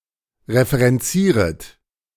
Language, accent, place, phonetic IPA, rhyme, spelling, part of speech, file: German, Germany, Berlin, [ʁefəʁɛnˈt͡siːʁət], -iːʁət, referenzieret, verb, De-referenzieret.ogg
- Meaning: second-person plural subjunctive I of referenzieren